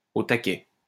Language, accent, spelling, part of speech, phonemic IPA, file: French, France, au taquet, adjective, /o ta.kɛ/, LL-Q150 (fra)-au taquet.wav